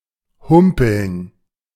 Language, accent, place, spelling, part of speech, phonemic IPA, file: German, Germany, Berlin, humpeln, verb, /ˈhʊmpəln/, De-humpeln.ogg
- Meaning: to hobble, to limp